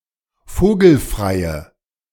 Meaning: inflection of vogelfrei: 1. strong/mixed nominative/accusative feminine singular 2. strong nominative/accusative plural 3. weak nominative all-gender singular
- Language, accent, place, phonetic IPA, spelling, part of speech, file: German, Germany, Berlin, [ˈfoːɡl̩fʁaɪ̯ə], vogelfreie, adjective, De-vogelfreie.ogg